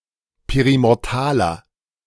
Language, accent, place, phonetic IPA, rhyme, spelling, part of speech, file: German, Germany, Berlin, [ˌpeʁimɔʁˈtaːlɐ], -aːlɐ, perimortaler, adjective, De-perimortaler.ogg
- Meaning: inflection of perimortal: 1. strong/mixed nominative masculine singular 2. strong genitive/dative feminine singular 3. strong genitive plural